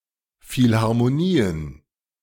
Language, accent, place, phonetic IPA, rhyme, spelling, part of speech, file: German, Germany, Berlin, [fɪlhaʁmoˈniːən], -iːən, Philharmonien, noun, De-Philharmonien.ogg
- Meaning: plural of Philharmonie